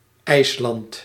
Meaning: Iceland (an island and country in the North Atlantic Ocean in Europe)
- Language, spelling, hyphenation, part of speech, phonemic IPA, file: Dutch, IJsland, IJs‧land, proper noun, /ˈɛi̯slɑnt/, Nl-IJsland.ogg